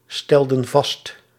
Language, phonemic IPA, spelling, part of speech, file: Dutch, /ˈstɛldə(n) ˈvɑst/, stelden vast, verb, Nl-stelden vast.ogg
- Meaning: inflection of vaststellen: 1. plural past indicative 2. plural past subjunctive